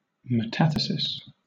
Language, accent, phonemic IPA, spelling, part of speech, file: English, Southern England, /məˈtæ.θə.sɪs/, metathesis, noun, LL-Q1860 (eng)-metathesis.wav
- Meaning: 1. The transposition of letters, syllables or sounds within a word 2. The double decomposition of inorganic salts